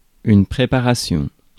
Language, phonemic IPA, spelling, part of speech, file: French, /pʁe.pa.ʁa.sjɔ̃/, préparation, noun, Fr-préparation.ogg
- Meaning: preparation